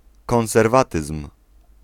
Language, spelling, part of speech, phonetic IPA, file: Polish, konserwatyzm, noun, [ˌkɔ̃w̃sɛrˈvatɨsm̥], Pl-konserwatyzm.ogg